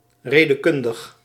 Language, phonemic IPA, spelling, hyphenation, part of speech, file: Dutch, /ˌreː.dəˈkʏn.dəx/, redekundig, re‧de‧kun‧dig, adjective, Nl-redekundig.ogg
- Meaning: 1. pertaining to phrases 2. logical, pertaining to logic